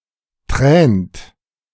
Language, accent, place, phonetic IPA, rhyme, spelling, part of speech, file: German, Germany, Berlin, [tʁɛːnt], -ɛːnt, tränt, verb, De-tränt.ogg
- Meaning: inflection of tränen: 1. third-person singular present 2. second-person plural present 3. plural imperative